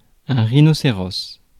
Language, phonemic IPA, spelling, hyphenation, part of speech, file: French, /ʁi.nɔ.se.ʁɔs/, rhinocéros, rhi‧no‧cé‧ros, noun, Fr-rhinocéros.ogg
- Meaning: rhinoceros